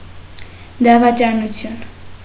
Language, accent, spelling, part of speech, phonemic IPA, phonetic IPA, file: Armenian, Eastern Armenian, դավաճանություն, noun, /dɑvɑt͡ʃɑnuˈtʰjun/, [dɑvɑt͡ʃɑnut͡sʰjún], Hy-դավաճանություն.ogg
- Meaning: 1. betrayal, treason, treachery 2. adultery